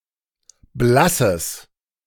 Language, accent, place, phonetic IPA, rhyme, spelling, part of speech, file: German, Germany, Berlin, [ˈblasəs], -asəs, blasses, adjective, De-blasses.ogg
- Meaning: strong/mixed nominative/accusative neuter singular of blass